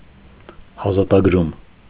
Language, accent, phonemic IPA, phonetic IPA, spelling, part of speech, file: Armenian, Eastern Armenian, /ɑzɑtɑɡˈɾum/, [ɑzɑtɑɡɾúm], ազատագրում, noun, Hy-ազատագրում.ogg
- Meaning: liberation